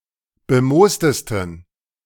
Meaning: 1. superlative degree of bemoost 2. inflection of bemoost: strong genitive masculine/neuter singular superlative degree
- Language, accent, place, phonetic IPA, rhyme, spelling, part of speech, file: German, Germany, Berlin, [bəˈmoːstəstn̩], -oːstəstn̩, bemoostesten, adjective, De-bemoostesten.ogg